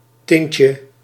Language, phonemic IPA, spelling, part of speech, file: Dutch, /ˈtɪncə/, tintje, noun, Nl-tintje.ogg
- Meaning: diminutive of tint